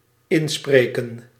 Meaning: 1. to record (especially sound) 2. to reason with, gently advise, pep, encourage, talk sense into
- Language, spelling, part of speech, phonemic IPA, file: Dutch, inspreken, verb, /ˈɪnsprekə(n)/, Nl-inspreken.ogg